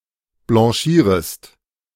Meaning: second-person singular subjunctive I of blanchieren
- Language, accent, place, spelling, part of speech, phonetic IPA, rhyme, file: German, Germany, Berlin, blanchierest, verb, [blɑ̃ˈʃiːʁəst], -iːʁəst, De-blanchierest.ogg